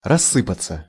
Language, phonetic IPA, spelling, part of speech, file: Russian, [rɐˈsːɨpət͡sə], рассыпаться, verb, Ru-рассы́паться.ogg
- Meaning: 1. to crumble, to fall to pieces; to disintegrate 2. passive of рассы́пать (rassýpatʹ)